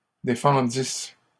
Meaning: first-person singular imperfect subjunctive of défendre
- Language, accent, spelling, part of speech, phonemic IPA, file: French, Canada, défendisse, verb, /de.fɑ̃.dis/, LL-Q150 (fra)-défendisse.wav